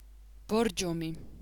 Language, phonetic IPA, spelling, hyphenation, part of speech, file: Georgian, [b̥o̞ɾd͡ʒo̞mi], ბორჯომი, ბორ‧ჯო‧მი, proper noun / noun, Borjomi.ogg
- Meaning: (proper noun) Borjomi (a city and resort town in Georgia); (noun) Borjomi, a brand of naturally carbonated mineral water